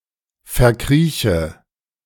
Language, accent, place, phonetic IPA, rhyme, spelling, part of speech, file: German, Germany, Berlin, [fɛɐ̯ˈkʁiːçə], -iːçə, verkrieche, verb, De-verkrieche.ogg
- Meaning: inflection of verkriechen: 1. first-person singular present 2. first/third-person singular subjunctive I 3. singular imperative